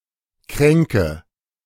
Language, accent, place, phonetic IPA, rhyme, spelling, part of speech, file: German, Germany, Berlin, [ˈkʁɛŋkə], -ɛŋkə, kränke, verb, De-kränke.ogg
- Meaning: inflection of kränken: 1. first-person singular present 2. first/third-person singular subjunctive I 3. singular imperative